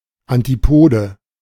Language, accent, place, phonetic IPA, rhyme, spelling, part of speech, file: German, Germany, Berlin, [antiˈpoːdə], -oːdə, Antipode, noun, De-Antipode.ogg
- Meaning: antipode